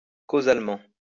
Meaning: causally
- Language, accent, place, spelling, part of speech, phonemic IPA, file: French, France, Lyon, causalement, adverb, /ko.zal.mɑ̃/, LL-Q150 (fra)-causalement.wav